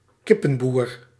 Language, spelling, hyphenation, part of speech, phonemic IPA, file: Dutch, kippenboer, kip‧pen‧boer, noun, /ˈkɪ.pə(n)ˌbur/, Nl-kippenboer.ogg
- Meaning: a chicken farmer